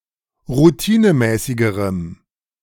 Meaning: strong dative masculine/neuter singular comparative degree of routinemäßig
- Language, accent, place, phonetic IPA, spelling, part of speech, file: German, Germany, Berlin, [ʁuˈtiːnəˌmɛːsɪɡəʁəm], routinemäßigerem, adjective, De-routinemäßigerem.ogg